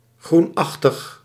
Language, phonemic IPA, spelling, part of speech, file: Dutch, /ˈxrunɑxtəx/, groenachtig, adjective, Nl-groenachtig.ogg
- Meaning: greenish